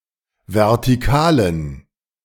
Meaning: inflection of vertikal: 1. strong genitive masculine/neuter singular 2. weak/mixed genitive/dative all-gender singular 3. strong/weak/mixed accusative masculine singular 4. strong dative plural
- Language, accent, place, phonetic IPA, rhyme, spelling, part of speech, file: German, Germany, Berlin, [vɛʁtiˈkaːlən], -aːlən, vertikalen, adjective, De-vertikalen.ogg